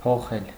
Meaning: 1. to change, to alter 2. to exchange
- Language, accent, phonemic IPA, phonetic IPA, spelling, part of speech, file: Armenian, Eastern Armenian, /pʰoˈχel/, [pʰoχél], փոխել, verb, Hy-փոխել.ogg